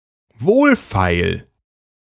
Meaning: 1. cheap, which can be had for a low price 2. low-effort, low-energy, low-cost, vile, trite 3. cheap and worthless
- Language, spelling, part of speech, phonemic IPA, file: German, wohlfeil, adjective, /ˈvoːlˌfaɪ̯l/, De-wohlfeil.ogg